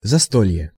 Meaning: feast (at a table), tableful
- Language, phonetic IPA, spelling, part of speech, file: Russian, [zɐˈstolʲje], застолье, noun, Ru-застолье.ogg